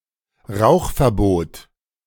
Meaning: smoking ban
- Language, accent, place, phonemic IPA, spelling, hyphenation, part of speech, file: German, Germany, Berlin, /ˈʁaʊ̯χfɛʁˌboːt/, Rauchverbot, Rauch‧ver‧bot, noun, De-Rauchverbot.ogg